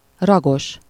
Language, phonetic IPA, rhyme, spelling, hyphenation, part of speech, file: Hungarian, [ˈrɒɡoʃ], -oʃ, ragos, ra‧gos, adjective, Hu-ragos.ogg
- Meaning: suffixed (in a stricter sense: inflected), with a(n inflectional) suffix, containing a(n inflectional) suffix